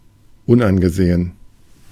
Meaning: 1. disreputable 2. disrespectable
- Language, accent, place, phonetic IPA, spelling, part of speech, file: German, Germany, Berlin, [ˈʊnʔanɡəˌzeːən], unangesehen, adjective / preposition, De-unangesehen.ogg